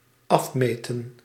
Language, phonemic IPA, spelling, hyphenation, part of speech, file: Dutch, /ˈɑfmeːtə(n)/, afmeten, af‧me‧ten, verb, Nl-afmeten.ogg
- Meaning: to measure off